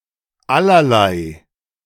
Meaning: 1. all kinds of 2. various
- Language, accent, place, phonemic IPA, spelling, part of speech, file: German, Germany, Berlin, /ˈalɐlaɪ̯/, allerlei, adjective, De-allerlei.ogg